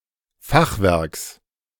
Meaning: genitive singular of Fachwerk
- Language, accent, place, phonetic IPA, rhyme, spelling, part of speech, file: German, Germany, Berlin, [ˈfaxˌvɛʁks], -axvɛʁks, Fachwerks, noun, De-Fachwerks.ogg